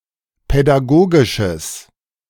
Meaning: strong/mixed nominative/accusative neuter singular of pädagogisch
- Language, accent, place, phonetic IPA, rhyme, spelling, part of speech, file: German, Germany, Berlin, [pɛdaˈɡoːɡɪʃəs], -oːɡɪʃəs, pädagogisches, adjective, De-pädagogisches.ogg